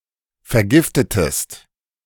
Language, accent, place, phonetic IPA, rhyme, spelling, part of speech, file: German, Germany, Berlin, [fɛɐ̯ˈɡɪftətəst], -ɪftətəst, vergiftetest, verb, De-vergiftetest.ogg
- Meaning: inflection of vergiften: 1. second-person singular preterite 2. second-person singular subjunctive II